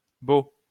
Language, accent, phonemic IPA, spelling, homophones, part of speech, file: French, France, /bo/, beau-, bau / baux / beau / beaux / bot / bots, prefix, LL-Q150 (fra)-beau-.wav
- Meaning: related by marriage; in-law or step-